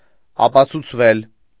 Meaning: mediopassive of ապացուցել (apacʻucʻel)
- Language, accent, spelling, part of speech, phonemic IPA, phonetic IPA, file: Armenian, Eastern Armenian, ապացուցվել, verb, /ɑpɑt͡sʰut͡sʰˈvel/, [ɑpɑt͡sʰut͡sʰvél], Hy-ապացուցվել.ogg